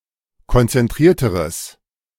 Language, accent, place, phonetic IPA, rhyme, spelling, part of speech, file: German, Germany, Berlin, [kɔnt͡sɛnˈtʁiːɐ̯təʁəs], -iːɐ̯təʁəs, konzentrierteres, adjective, De-konzentrierteres.ogg
- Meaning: strong/mixed nominative/accusative neuter singular comparative degree of konzentriert